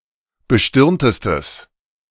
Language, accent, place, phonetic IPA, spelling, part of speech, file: German, Germany, Berlin, [bəˈʃtɪʁntəstəs], bestirntestes, adjective, De-bestirntestes.ogg
- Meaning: strong/mixed nominative/accusative neuter singular superlative degree of bestirnt